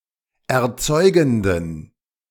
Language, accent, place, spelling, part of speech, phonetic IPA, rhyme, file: German, Germany, Berlin, erzeugenden, adjective, [ɛɐ̯ˈt͡sɔɪ̯ɡn̩dən], -ɔɪ̯ɡn̩dən, De-erzeugenden.ogg
- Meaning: inflection of erzeugend: 1. strong genitive masculine/neuter singular 2. weak/mixed genitive/dative all-gender singular 3. strong/weak/mixed accusative masculine singular 4. strong dative plural